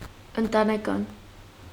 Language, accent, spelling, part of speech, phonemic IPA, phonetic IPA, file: Armenian, Eastern Armenian, ընտանեկան, adjective, /əntɑneˈkɑn/, [əntɑnekɑ́n], Hy-ընտանեկան.ogg
- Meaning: 1. family, domestic 2. familial, familiar 3. inner, internal 4. private